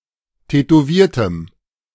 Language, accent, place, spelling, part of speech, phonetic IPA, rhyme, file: German, Germany, Berlin, tätowiertem, adjective, [tɛtoˈviːɐ̯təm], -iːɐ̯təm, De-tätowiertem.ogg
- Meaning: strong dative masculine/neuter singular of tätowiert